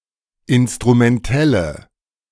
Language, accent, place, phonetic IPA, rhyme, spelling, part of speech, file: German, Germany, Berlin, [ˌɪnstʁumɛnˈtɛlə], -ɛlə, instrumentelle, adjective, De-instrumentelle.ogg
- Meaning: inflection of instrumentell: 1. strong/mixed nominative/accusative feminine singular 2. strong nominative/accusative plural 3. weak nominative all-gender singular